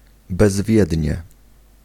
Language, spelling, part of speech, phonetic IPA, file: Polish, bezwiednie, adverb, [bɛzˈvʲjɛdʲɲɛ], Pl-bezwiednie.ogg